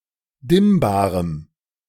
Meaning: strong dative masculine/neuter singular of dimmbar
- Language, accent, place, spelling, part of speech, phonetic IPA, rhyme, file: German, Germany, Berlin, dimmbarem, adjective, [ˈdɪmbaːʁəm], -ɪmbaːʁəm, De-dimmbarem.ogg